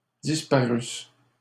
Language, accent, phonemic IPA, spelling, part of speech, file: French, Canada, /dis.pa.ʁys/, disparussent, verb, LL-Q150 (fra)-disparussent.wav
- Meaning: third-person plural imperfect subjunctive of disparaître